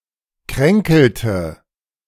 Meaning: inflection of kränkeln: 1. first/third-person singular preterite 2. first/third-person singular subjunctive II
- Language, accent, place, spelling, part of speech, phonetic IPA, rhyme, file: German, Germany, Berlin, kränkelte, verb, [ˈkʁɛŋkl̩tə], -ɛŋkl̩tə, De-kränkelte.ogg